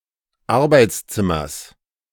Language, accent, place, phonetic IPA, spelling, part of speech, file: German, Germany, Berlin, [ˈaʁbaɪ̯t͡sˌt͡sɪmɐs], Arbeitszimmers, noun, De-Arbeitszimmers.ogg
- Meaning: genitive singular of Arbeitszimmer